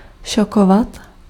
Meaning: to shock
- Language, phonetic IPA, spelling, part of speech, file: Czech, [ˈʃokovat], šokovat, verb, Cs-šokovat.ogg